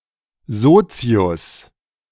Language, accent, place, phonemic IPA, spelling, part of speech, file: German, Germany, Berlin, /ˈzoːt͡si̯ʊs/, Sozius, noun, De-Sozius.ogg
- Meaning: 1. pillion (second saddle on a motorcycle) 2. pillion (second saddle on a motorcycle): A person riding in the pillion 3. partner 4. pal, mate